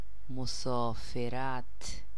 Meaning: trip, journey
- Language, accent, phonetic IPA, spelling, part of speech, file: Persian, Iran, [mo.sɒː.fe.ɹǽt̪ʰ], مسافرت, noun, Fa-مسافرت.ogg